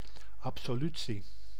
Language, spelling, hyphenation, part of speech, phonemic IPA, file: Dutch, absolutie, ab‧so‧lu‧tie, noun, /ˌɑp.soːˈly.(t)si/, Nl-absolutie.ogg
- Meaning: 1. absolution, absolvement of sins by a clerical authority 2. absolution, pardoning